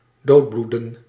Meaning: 1. to bleed to death, to bleed out 2. to peter out, gradually to come to an end
- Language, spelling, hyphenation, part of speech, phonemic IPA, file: Dutch, doodbloeden, dood‧bloe‧den, verb, /ˈdoːtˌblu.də(n)/, Nl-doodbloeden.ogg